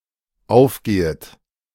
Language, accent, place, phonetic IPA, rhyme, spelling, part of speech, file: German, Germany, Berlin, [ˈaʊ̯fˌɡeːət], -aʊ̯fɡeːət, aufgehet, verb, De-aufgehet.ogg
- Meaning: second-person plural dependent subjunctive I of aufgehen